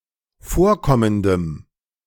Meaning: strong dative masculine/neuter singular of vorkommend
- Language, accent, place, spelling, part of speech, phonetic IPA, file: German, Germany, Berlin, vorkommendem, adjective, [ˈfoːɐ̯ˌkɔməndəm], De-vorkommendem.ogg